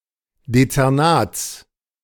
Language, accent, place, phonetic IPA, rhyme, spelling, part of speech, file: German, Germany, Berlin, [det͡sɛʁˈnaːt͡s], -aːt͡s, Dezernats, noun, De-Dezernats.ogg
- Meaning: genitive singular of Dezernat